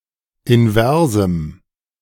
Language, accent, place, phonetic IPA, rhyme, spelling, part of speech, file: German, Germany, Berlin, [ɪnˈvɛʁzm̩], -ɛʁzm̩, inversem, adjective, De-inversem.ogg
- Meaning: strong dative masculine/neuter singular of invers